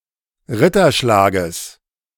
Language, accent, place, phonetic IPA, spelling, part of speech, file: German, Germany, Berlin, [ˈʁɪtɐˌʃlaːɡəs], Ritterschlages, noun, De-Ritterschlages.ogg
- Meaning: genitive singular of Ritterschlag